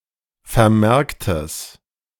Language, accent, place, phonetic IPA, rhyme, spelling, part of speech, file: German, Germany, Berlin, [fɛɐ̯ˈmɛʁktəs], -ɛʁktəs, vermerktes, adjective, De-vermerktes.ogg
- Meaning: strong/mixed nominative/accusative neuter singular of vermerkt